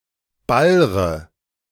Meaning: inflection of ballern: 1. first-person singular present 2. first/third-person singular subjunctive I 3. singular imperative
- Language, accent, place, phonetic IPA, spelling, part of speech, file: German, Germany, Berlin, [ˈbalʁə], ballre, verb, De-ballre.ogg